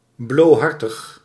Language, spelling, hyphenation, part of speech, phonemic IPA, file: Dutch, blohartig, blo‧har‧tig, adjective, /ˌbloːˈɦɑr.təx/, Nl-blohartig.ogg
- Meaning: faint-hearted